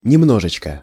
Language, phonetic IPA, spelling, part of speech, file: Russian, [nʲɪˈmnoʐɨt͡ɕkə], немножечко, adverb, Ru-немножечко.ogg
- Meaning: diminutive of немно́го (nemnógo, “a little bit”)